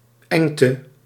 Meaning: 1. any narrow passage 2. narrowness 3. difficulty
- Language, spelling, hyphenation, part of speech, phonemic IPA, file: Dutch, engte, eng‧te, noun, /ˈɛŋ.tə/, Nl-engte.ogg